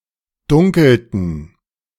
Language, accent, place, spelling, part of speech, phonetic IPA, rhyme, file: German, Germany, Berlin, dunkelten, verb, [ˈdʊŋkl̩tn̩], -ʊŋkl̩tn̩, De-dunkelten.ogg
- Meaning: inflection of dunkeln: 1. first/third-person plural preterite 2. first/third-person plural subjunctive II